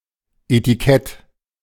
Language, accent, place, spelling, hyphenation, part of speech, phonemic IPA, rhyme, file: German, Germany, Berlin, Etikett, E‧ti‧kett, noun, /etiˈkɛt/, -ɛt, De-Etikett.ogg
- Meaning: label, tag